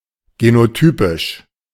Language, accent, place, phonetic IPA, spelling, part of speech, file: German, Germany, Berlin, [ɡenoˈtyːpɪʃ], genotypisch, adjective, De-genotypisch.ogg
- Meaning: genotypic, genotypical